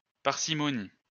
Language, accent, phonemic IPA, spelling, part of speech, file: French, France, /paʁ.si.mɔ.ni/, parcimonie, noun, LL-Q150 (fra)-parcimonie.wav
- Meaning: parsimony (great reluctance to spend money unnecessarily)